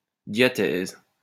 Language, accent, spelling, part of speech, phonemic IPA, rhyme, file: French, France, diathèse, noun, /dja.tɛz/, -ɛz, LL-Q150 (fra)-diathèse.wav
- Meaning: diathesis